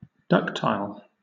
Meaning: 1. Capable of being pulled or stretched into thin wire by mechanical force without breaking 2. Molded easily into a new form 3. Led easily; prone to follow
- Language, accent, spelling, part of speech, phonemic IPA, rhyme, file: English, Southern England, ductile, adjective, /ˈdʌk.taɪl/, -ʌktaɪl, LL-Q1860 (eng)-ductile.wav